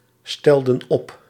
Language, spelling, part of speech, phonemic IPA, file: Dutch, stelden op, verb, /ˈstɛldə(n) ˈɔp/, Nl-stelden op.ogg
- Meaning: inflection of opstellen: 1. plural past indicative 2. plural past subjunctive